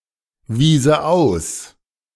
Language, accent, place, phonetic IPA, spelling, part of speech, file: German, Germany, Berlin, [ˌviːzə ˈaʊ̯s], wiese aus, verb, De-wiese aus.ogg
- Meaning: first/third-person singular subjunctive II of ausweisen